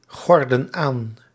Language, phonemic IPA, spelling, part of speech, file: Dutch, /ˈɣɔrdə(n) ˈan/, gorden aan, verb, Nl-gorden aan.ogg
- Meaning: inflection of aangorden: 1. plural present indicative 2. plural present subjunctive